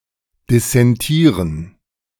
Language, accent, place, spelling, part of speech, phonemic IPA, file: German, Germany, Berlin, dissentieren, verb, /disɛnˈtiːʁən/, De-dissentieren.ogg
- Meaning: to dissent (to disagree)